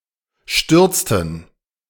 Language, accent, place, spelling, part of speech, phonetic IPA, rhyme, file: German, Germany, Berlin, stürzten, verb, [ˈʃtʏʁt͡stn̩], -ʏʁt͡stn̩, De-stürzten.ogg
- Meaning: inflection of stürzen: 1. first/third-person plural preterite 2. first/third-person plural subjunctive II